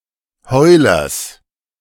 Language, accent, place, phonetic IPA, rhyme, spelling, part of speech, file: German, Germany, Berlin, [ˈhɔɪ̯lɐs], -ɔɪ̯lɐs, Heulers, noun, De-Heulers.ogg
- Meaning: genitive singular of Heuler